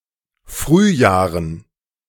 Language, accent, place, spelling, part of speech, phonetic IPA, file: German, Germany, Berlin, Frühjahren, noun, [ˈfʁyːˌjaːʁən], De-Frühjahren.ogg
- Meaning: plural of Frühjahr